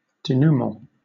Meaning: The conclusion or resolution of a plot; unravelling
- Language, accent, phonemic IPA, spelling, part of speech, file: English, Southern England, /deˈnuːmɑ̃/, dénouement, noun, LL-Q1860 (eng)-dénouement.wav